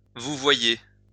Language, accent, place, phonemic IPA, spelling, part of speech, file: French, France, Lyon, /vu.vwa.je/, vouvoyer, verb, LL-Q150 (fra)-vouvoyer.wav
- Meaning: to address someone using the formal pronoun vous rather than the informal tu, to use the V-form, to "you" (as opposed to "thou")